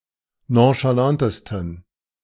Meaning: 1. superlative degree of nonchalant 2. inflection of nonchalant: strong genitive masculine/neuter singular superlative degree
- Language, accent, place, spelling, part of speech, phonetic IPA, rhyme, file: German, Germany, Berlin, nonchalantesten, adjective, [ˌnõʃaˈlantəstn̩], -antəstn̩, De-nonchalantesten.ogg